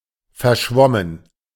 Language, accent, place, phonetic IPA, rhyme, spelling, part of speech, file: German, Germany, Berlin, [fɛɐ̯ˈʃvɔmən], -ɔmən, verschwommen, adjective / verb, De-verschwommen.ogg
- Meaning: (verb) past participle of verschwimmen; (adjective) 1. vague, fuzzy 2. blurred